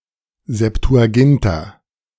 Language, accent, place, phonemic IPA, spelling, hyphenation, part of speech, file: German, Germany, Berlin, /zɛptuaˈɡɪnta/, Septuaginta, Sep‧tu‧a‧gin‧ta, proper noun, De-Septuaginta.ogg
- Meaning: Septuagint (Ancient Greek translation of the Old Testament)